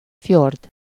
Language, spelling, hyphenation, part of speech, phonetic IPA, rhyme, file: Hungarian, fjord, fjord, noun, [ˈfjord], -ord, Hu-fjord.ogg
- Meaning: fjord (a long, narrow, deep inlet between cliffs)